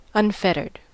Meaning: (verb) simple past and past participle of unfetter; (adjective) 1. Not bound by chains or shackles 2. Not restricted
- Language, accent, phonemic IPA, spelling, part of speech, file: English, US, /ˈʌnˈfɛtɚd/, unfettered, verb / adjective, En-us-unfettered.ogg